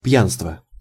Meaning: drunkenness, heavy drinking
- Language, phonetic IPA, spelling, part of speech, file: Russian, [ˈp⁽ʲ⁾janstvə], пьянство, noun, Ru-пьянство.ogg